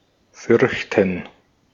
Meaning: 1. to fear 2. to be afraid
- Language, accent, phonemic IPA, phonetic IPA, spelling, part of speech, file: German, Austria, /ˈfʏʁçtən/, [ˈfʏɐ̯çtn̩], fürchten, verb, De-at-fürchten.ogg